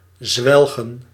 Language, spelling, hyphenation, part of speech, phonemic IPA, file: Dutch, zwelgen, zwel‧gen, verb, /ˈzʋɛlɣə(n)/, Nl-zwelgen.ogg
- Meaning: 1. to eat greedily, gulp down, gobble up, guzzle 2. to indulge, revel in